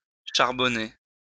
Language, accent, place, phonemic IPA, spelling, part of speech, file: French, France, Lyon, /ʃaʁ.bɔ.ne/, charbonner, verb, LL-Q150 (fra)-charbonner.wav
- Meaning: 1. to turn into coal 2. to produce coal 3. to become coal 4. to work 5. to deal (to sell drugs)